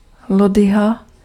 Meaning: caulis (a leafy herbaceous plant stem)
- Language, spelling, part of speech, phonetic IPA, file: Czech, lodyha, noun, [ˈlodɪɦa], Cs-lodyha.ogg